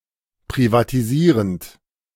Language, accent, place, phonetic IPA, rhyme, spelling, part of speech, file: German, Germany, Berlin, [pʁivatiˈziːʁənt], -iːʁənt, privatisierend, verb, De-privatisierend.ogg
- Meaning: present participle of privatisieren